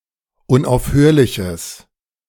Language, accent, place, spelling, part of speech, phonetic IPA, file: German, Germany, Berlin, unaufhörliches, adjective, [ʊnʔaʊ̯fˈhøːɐ̯lɪçəs], De-unaufhörliches.ogg
- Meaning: strong/mixed nominative/accusative neuter singular of unaufhörlich